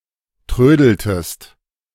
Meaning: inflection of trödeln: 1. second-person singular preterite 2. second-person singular subjunctive II
- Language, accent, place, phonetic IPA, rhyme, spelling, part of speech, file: German, Germany, Berlin, [ˈtʁøːdl̩təst], -øːdl̩təst, trödeltest, verb, De-trödeltest.ogg